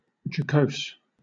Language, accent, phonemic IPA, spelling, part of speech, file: English, Southern England, /d͡ʒəˈkəʊs/, jocose, adjective, LL-Q1860 (eng)-jocose.wav
- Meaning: 1. given to jesting; habitually jolly 2. playful or humorous; characterized by joking